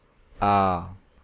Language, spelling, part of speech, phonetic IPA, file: Hindi, आ, character / verb, [äː], Hi-आ.ogg
- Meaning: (character) the second vowel of Hindi; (verb) inflection of आना (ānā): 1. stem 2. second-person singular intimate present imperative